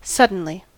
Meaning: Happening quickly and with little or no warning; in a sudden manner
- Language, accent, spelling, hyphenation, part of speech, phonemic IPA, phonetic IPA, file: English, US, suddenly, sud‧den‧ly, adverb, /ˈsʌd.ən.li/, [sʌd.n̩.li], En-us-suddenly.ogg